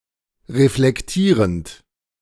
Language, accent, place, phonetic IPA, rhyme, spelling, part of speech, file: German, Germany, Berlin, [ʁeflɛkˈtiːʁənt], -iːʁənt, reflektierend, verb, De-reflektierend.ogg
- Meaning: present participle of reflektieren